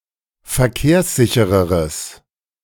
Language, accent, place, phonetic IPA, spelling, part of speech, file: German, Germany, Berlin, [fɛɐ̯ˈkeːɐ̯sˌzɪçəʁəʁəs], verkehrssichereres, adjective, De-verkehrssichereres.ogg
- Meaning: strong/mixed nominative/accusative neuter singular comparative degree of verkehrssicher